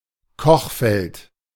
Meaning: hob; cooktop; stovetop
- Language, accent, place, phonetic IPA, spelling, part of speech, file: German, Germany, Berlin, [ˈkɔxfɛlt], Kochfeld, noun, De-Kochfeld.ogg